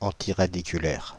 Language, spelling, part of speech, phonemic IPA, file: French, antiradiculaire, adjective, /ɑ̃.ti.ʁa.di.ky.lɛʁ/, Fr-antiradiculaire.ogg
- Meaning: antiradical